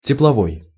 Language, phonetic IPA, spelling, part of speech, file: Russian, [tʲɪpɫɐˈvoj], тепловой, adjective, Ru-тепловой.ogg
- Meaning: heat; thermal